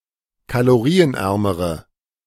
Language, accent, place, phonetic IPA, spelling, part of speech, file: German, Germany, Berlin, [kaloˈʁiːənˌʔɛʁməʁə], kalorienärmere, adjective, De-kalorienärmere.ogg
- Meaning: inflection of kalorienarm: 1. strong/mixed nominative/accusative feminine singular comparative degree 2. strong nominative/accusative plural comparative degree